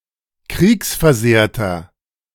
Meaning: inflection of kriegsversehrt: 1. strong/mixed nominative masculine singular 2. strong genitive/dative feminine singular 3. strong genitive plural
- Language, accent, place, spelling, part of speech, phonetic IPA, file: German, Germany, Berlin, kriegsversehrter, adjective, [ˈkʁiːksfɛɐ̯ˌzeːɐ̯tɐ], De-kriegsversehrter.ogg